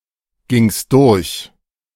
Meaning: second-person singular preterite of durchgehen
- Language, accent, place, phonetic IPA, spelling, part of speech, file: German, Germany, Berlin, [ˌɡɪŋst ˈdʊʁç], gingst durch, verb, De-gingst durch.ogg